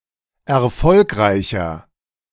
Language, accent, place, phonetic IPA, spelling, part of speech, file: German, Germany, Berlin, [ɛɐ̯ˈfɔlkʁaɪ̯çɐ], erfolgreicher, adjective, De-erfolgreicher.ogg
- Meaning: 1. comparative degree of erfolgreich 2. inflection of erfolgreich: strong/mixed nominative masculine singular 3. inflection of erfolgreich: strong genitive/dative feminine singular